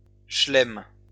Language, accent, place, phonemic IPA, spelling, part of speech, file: French, France, Lyon, /ʃlɛm/, chelem, noun, LL-Q150 (fra)-chelem.wav
- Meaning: slam